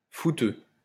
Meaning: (adjective) footie; footballing, soccer; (noun) 1. football enthusiast, football fan 2. footie player; footballer (soccer player)
- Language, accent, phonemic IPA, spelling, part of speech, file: French, France, /fu.tø/, footeux, adjective / noun, LL-Q150 (fra)-footeux.wav